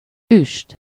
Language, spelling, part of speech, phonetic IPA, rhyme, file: Hungarian, üst, noun, [ˈyʃt], -yʃt, Hu-üst.ogg
- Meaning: cauldron